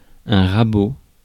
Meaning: plane (a tool)
- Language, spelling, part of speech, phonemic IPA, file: French, rabot, noun, /ʁa.bo/, Fr-rabot.ogg